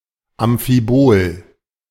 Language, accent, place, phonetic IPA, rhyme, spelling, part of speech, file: German, Germany, Berlin, [amfiˈboːl], -oːl, Amphibol, noun, De-Amphibol.ogg
- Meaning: amphibole